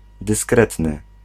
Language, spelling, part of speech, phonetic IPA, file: Polish, dyskretny, adjective, [dɨsˈkrɛtnɨ], Pl-dyskretny.ogg